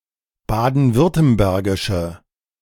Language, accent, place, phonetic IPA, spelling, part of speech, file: German, Germany, Berlin, [ˌbaːdn̩ˈvʏʁtəmbɛʁɡɪʃə], baden-württembergische, adjective, De-baden-württembergische.ogg
- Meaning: inflection of baden-württembergisch: 1. strong/mixed nominative/accusative feminine singular 2. strong nominative/accusative plural 3. weak nominative all-gender singular